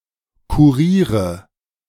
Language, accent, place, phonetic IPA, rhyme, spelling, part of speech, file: German, Germany, Berlin, [kuˈʁiːʁə], -iːʁə, kuriere, verb, De-kuriere.ogg
- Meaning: inflection of kurieren: 1. first-person singular present 2. first/third-person singular subjunctive I 3. singular imperative